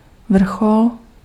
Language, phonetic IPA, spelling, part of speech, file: Czech, [ˈvr̩xol], vrchol, noun, Cs-vrchol.ogg
- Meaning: 1. peak, summit, top 2. vertex 3. node (vertex or a leaf in a graph of a network)